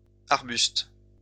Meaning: plural of arbuste
- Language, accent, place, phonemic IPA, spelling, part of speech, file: French, France, Lyon, /aʁ.byst/, arbustes, noun, LL-Q150 (fra)-arbustes.wav